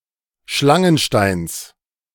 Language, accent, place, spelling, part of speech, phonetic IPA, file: German, Germany, Berlin, Schlangensteins, noun, [ˈʃlaŋənˌʃtaɪ̯ns], De-Schlangensteins.ogg
- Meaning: genitive singular of Schlangenstein